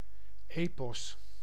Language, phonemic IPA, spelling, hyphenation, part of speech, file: Dutch, /ˈeː.pɔs/, epos, epos, noun, Nl-epos.ogg
- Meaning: epic (extended narrative poem, usually in dactylic hexametre)